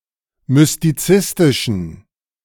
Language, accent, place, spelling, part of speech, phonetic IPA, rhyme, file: German, Germany, Berlin, mystizistischen, adjective, [mʏstiˈt͡sɪstɪʃn̩], -ɪstɪʃn̩, De-mystizistischen.ogg
- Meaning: inflection of mystizistisch: 1. strong genitive masculine/neuter singular 2. weak/mixed genitive/dative all-gender singular 3. strong/weak/mixed accusative masculine singular 4. strong dative plural